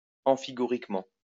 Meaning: enigmatically, obscurely, puzzlingly
- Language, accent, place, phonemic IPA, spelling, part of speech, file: French, France, Lyon, /ɑ̃.fi.ɡu.ʁik.mɑ̃/, amphigouriquement, adverb, LL-Q150 (fra)-amphigouriquement.wav